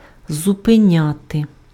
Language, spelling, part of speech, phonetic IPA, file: Ukrainian, зупиняти, verb, [zʊpeˈnʲate], Uk-зупиняти.ogg
- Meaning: to stop